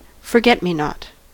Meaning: 1. Any of the flowering plants of the genus Myosotis, mostly with a small five-petalled blue flower; a flower from such a plant 2. Any of certain species of genus Cynoglossum
- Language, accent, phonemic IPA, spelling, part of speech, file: English, US, /fɚˈɡɛt.miˌnɑt/, forget-me-not, noun, En-us-forget-me-not.ogg